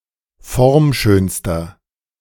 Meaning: inflection of formschön: 1. strong/mixed nominative masculine singular superlative degree 2. strong genitive/dative feminine singular superlative degree 3. strong genitive plural superlative degree
- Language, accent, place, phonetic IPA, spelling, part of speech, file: German, Germany, Berlin, [ˈfɔʁmˌʃøːnstɐ], formschönster, adjective, De-formschönster.ogg